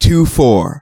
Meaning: A case of twenty-four bottles or cans of beer
- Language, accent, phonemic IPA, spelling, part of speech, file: English, US, /tuˈfɔɹ/, two-four, noun, En-us-two-four.ogg